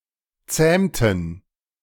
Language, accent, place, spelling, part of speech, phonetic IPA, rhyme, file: German, Germany, Berlin, zähmten, verb, [ˈt͡sɛːmtn̩], -ɛːmtn̩, De-zähmten.ogg
- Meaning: inflection of zähmen: 1. first/third-person plural preterite 2. first/third-person plural subjunctive II